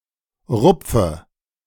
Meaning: inflection of rupfen: 1. first-person singular present 2. first/third-person singular subjunctive I 3. singular imperative
- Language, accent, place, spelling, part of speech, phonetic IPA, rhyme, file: German, Germany, Berlin, rupfe, verb, [ˈʁʊp͡fə], -ʊp͡fə, De-rupfe.ogg